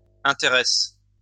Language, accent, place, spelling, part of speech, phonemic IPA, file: French, France, Lyon, intéresses, verb, /ɛ̃.te.ʁɛs/, LL-Q150 (fra)-intéresses.wav
- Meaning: second-person singular present indicative/subjunctive of intéresser